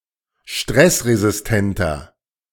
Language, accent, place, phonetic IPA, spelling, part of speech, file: German, Germany, Berlin, [ˈʃtʁɛsʁezɪsˌtɛntɐ], stressresistenter, adjective, De-stressresistenter.ogg
- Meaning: 1. comparative degree of stressresistent 2. inflection of stressresistent: strong/mixed nominative masculine singular 3. inflection of stressresistent: strong genitive/dative feminine singular